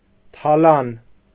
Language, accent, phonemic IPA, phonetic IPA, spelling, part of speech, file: Armenian, Eastern Armenian, /tʰɑˈlɑn/, [tʰɑlɑ́n], թալան, noun, Hy-թալան.ogg
- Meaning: plunder, robbery